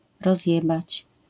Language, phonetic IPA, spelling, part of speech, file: Polish, [rɔzʲˈjɛbat͡ɕ], rozjebać, verb, LL-Q809 (pol)-rozjebać.wav